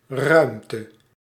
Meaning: 1. space, room (for a physical object to occupy) 2. room (in a building) 3. space, outer space
- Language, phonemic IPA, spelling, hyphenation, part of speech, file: Dutch, /ˈrœy̯mtə/, ruimte, ruim‧te, noun, Nl-ruimte.ogg